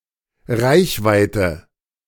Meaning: 1. range (The maximum distance of a weapon, radio station, sensor, vehicle without refueling, etc.) 2. reach, outreach 3. arm's reach
- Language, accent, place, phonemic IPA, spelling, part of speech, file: German, Germany, Berlin, /ˈʁaɪ̯çˌvaɪ̯tə/, Reichweite, noun, De-Reichweite.ogg